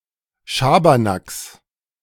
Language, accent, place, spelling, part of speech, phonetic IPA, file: German, Germany, Berlin, Schabernacks, noun, [ˈʃaːbɐnaks], De-Schabernacks.ogg
- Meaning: genitive singular of Schabernack